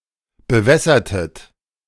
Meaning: inflection of bewässern: 1. second-person plural preterite 2. second-person plural subjunctive II
- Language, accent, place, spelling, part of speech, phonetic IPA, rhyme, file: German, Germany, Berlin, bewässertet, verb, [bəˈvɛsɐtət], -ɛsɐtət, De-bewässertet.ogg